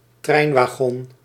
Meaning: railway wagon, train car, railway carriage
- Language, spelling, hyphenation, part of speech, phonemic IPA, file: Dutch, treinwagon, trein‧wa‧gon, noun, /ˈtrɛi̯n.ʋaːˌɣɔn/, Nl-treinwagon.ogg